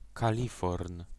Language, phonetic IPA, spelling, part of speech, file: Polish, [kaˈlʲifɔrn], kaliforn, noun, Pl-kaliforn.ogg